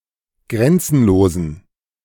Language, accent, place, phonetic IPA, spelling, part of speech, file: German, Germany, Berlin, [ˈɡʁɛnt͡sn̩loːzn̩], grenzenlosen, adjective, De-grenzenlosen.ogg
- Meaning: inflection of grenzenlos: 1. strong genitive masculine/neuter singular 2. weak/mixed genitive/dative all-gender singular 3. strong/weak/mixed accusative masculine singular 4. strong dative plural